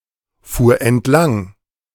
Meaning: first/third-person singular preterite of entlangfahren
- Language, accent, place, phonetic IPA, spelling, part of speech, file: German, Germany, Berlin, [ˌfuːɐ̯ ɛntˈlaŋ], fuhr entlang, verb, De-fuhr entlang.ogg